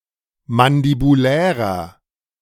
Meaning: inflection of mandibulär: 1. strong/mixed nominative masculine singular 2. strong genitive/dative feminine singular 3. strong genitive plural
- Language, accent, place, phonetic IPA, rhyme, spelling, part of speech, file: German, Germany, Berlin, [mandibuˈlɛːʁɐ], -ɛːʁɐ, mandibulärer, adjective, De-mandibulärer.ogg